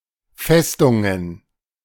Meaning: plural of Festung
- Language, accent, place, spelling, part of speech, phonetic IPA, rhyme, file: German, Germany, Berlin, Festungen, noun, [ˈfɛstʊŋən], -ɛstʊŋən, De-Festungen.ogg